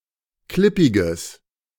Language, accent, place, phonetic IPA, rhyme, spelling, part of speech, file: German, Germany, Berlin, [ˈklɪpɪɡəs], -ɪpɪɡəs, klippiges, adjective, De-klippiges.ogg
- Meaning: strong/mixed nominative/accusative neuter singular of klippig